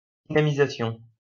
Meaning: dynamization, revitalization, boosting, stimulation, invigoration, energization
- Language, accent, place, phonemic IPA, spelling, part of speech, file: French, France, Lyon, /di.na.mi.za.sjɔ̃/, dynamisation, noun, LL-Q150 (fra)-dynamisation.wav